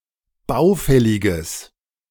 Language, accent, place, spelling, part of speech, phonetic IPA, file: German, Germany, Berlin, baufälliges, adjective, [ˈbaʊ̯ˌfɛlɪɡəs], De-baufälliges.ogg
- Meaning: strong/mixed nominative/accusative neuter singular of baufällig